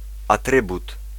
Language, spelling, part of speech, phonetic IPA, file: Polish, atrybut, noun, [aˈtrɨbut], Pl-atrybut.ogg